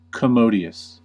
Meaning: 1. Spacious and convenient; roomy and comfortable 2. Convenient, serviceable, suitable 3. Advantageous, profitable, beneficial
- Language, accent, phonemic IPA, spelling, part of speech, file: English, US, /kəˈmoʊdi.əs/, commodious, adjective, En-us-commodious.ogg